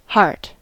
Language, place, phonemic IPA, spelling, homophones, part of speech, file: English, California, /hɑɹt/, heart, Hart / hart, noun / verb, En-us-heart.ogg
- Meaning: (noun) 1. A muscular organ that pumps blood through the body, traditionally thought to be the seat of emotion 2. One's feelings and emotions, especially considered as part of one's character